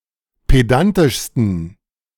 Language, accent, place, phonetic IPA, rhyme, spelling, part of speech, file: German, Germany, Berlin, [ˌpeˈdantɪʃstn̩], -antɪʃstn̩, pedantischsten, adjective, De-pedantischsten.ogg
- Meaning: 1. superlative degree of pedantisch 2. inflection of pedantisch: strong genitive masculine/neuter singular superlative degree